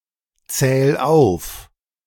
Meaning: 1. singular imperative of aufzählen 2. first-person singular present of aufzählen
- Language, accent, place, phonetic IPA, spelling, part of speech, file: German, Germany, Berlin, [ˌt͡sɛːl ˈaʊ̯f], zähl auf, verb, De-zähl auf.ogg